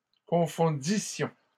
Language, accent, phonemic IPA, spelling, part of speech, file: French, Canada, /kɔ̃.fɔ̃.di.sjɔ̃/, confondissions, verb, LL-Q150 (fra)-confondissions.wav
- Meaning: first-person plural imperfect subjunctive of confondre